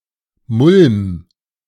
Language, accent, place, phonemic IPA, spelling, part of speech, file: German, Germany, Berlin, /mʊlm/, Mulm, noun, De-Mulm.ogg
- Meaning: organic detritus